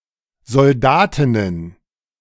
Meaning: plural of Soldatin
- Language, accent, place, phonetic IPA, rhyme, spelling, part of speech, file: German, Germany, Berlin, [zɔlˈdaːtɪnən], -aːtɪnən, Soldatinnen, noun, De-Soldatinnen.ogg